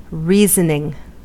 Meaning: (noun) The deduction of inferences or interpretations from premises, abstract thought, ratiocination; (countable) any instance of this, especially as a process leading to an action, motive
- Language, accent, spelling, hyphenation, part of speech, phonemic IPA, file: English, US, reasoning, rea‧son‧ing, noun / verb, /ˈɹiːzənɪŋ/, En-us-reasoning.ogg